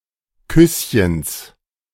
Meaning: genitive singular of Küsschen
- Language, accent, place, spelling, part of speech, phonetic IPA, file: German, Germany, Berlin, Küsschens, noun, [ˈkʏsçəns], De-Küsschens.ogg